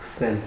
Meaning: to begin, to start, to commence
- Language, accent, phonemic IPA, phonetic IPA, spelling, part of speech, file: Armenian, Eastern Armenian, /skəˈsel/, [skəsél], սկսել, verb, Hy-սկսել.ogg